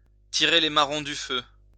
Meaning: to pull someone's chestnuts out of the fire (to do someone else's difficult work)
- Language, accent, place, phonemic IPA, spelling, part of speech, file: French, France, Lyon, /ti.ʁe le ma.ʁɔ̃ dy fø/, tirer les marrons du feu, verb, LL-Q150 (fra)-tirer les marrons du feu.wav